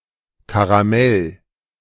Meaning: caramel
- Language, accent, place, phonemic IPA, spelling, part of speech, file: German, Germany, Berlin, /kaʁaˈmɛl/, Karamell, noun, De-Karamell.ogg